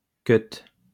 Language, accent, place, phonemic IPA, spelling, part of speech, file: French, France, Lyon, /kœt/, keut, noun, LL-Q150 (fra)-keut.wav
- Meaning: clipping of keutru